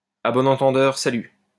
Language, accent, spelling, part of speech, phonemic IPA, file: French, France, à bon entendeur salut, interjection, /a bɔ.n‿ɑ̃.tɑ̃.dœʁ sa.ly/, LL-Q150 (fra)-à bon entendeur salut.wav
- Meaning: word to the wise